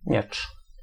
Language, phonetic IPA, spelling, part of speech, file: Polish, [mʲjɛt͡ʃ], miecz, noun, Pl-miecz.ogg